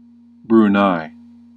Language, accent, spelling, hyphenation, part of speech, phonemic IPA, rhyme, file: English, US, Brunei, Bru‧nei, proper noun, /bɹuˈnaɪ/, -aɪ, En-us-Brunei.ogg
- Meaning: A country in Southeast Asia. Capital: Bandar Seri Begawan